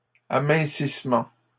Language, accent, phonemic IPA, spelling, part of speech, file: French, Canada, /a.mɛ̃.sis.mɑ̃/, amincissement, noun, LL-Q150 (fra)-amincissement.wav
- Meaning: thinning